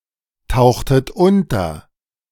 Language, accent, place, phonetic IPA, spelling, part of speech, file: German, Germany, Berlin, [ˌtaʊ̯xtət ˈʊntɐ], tauchtet unter, verb, De-tauchtet unter.ogg
- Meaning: inflection of untertauchen: 1. second-person plural preterite 2. second-person plural subjunctive II